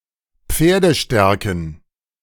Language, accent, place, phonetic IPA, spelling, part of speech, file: German, Germany, Berlin, [ˈp͡feːɐ̯dəˌʃtɛʁkn̩], Pferdestärken, noun, De-Pferdestärken.ogg
- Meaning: plural of Pferdestärke